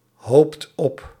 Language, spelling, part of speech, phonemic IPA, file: Dutch, hoopt op, verb, /ˈhopt ˈɔp/, Nl-hoopt op.ogg
- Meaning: inflection of ophopen: 1. second/third-person singular present indicative 2. plural imperative